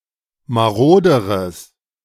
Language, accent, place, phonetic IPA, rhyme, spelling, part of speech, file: German, Germany, Berlin, [maˈʁoːdəʁəs], -oːdəʁəs, maroderes, adjective, De-maroderes.ogg
- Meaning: strong/mixed nominative/accusative neuter singular comparative degree of marode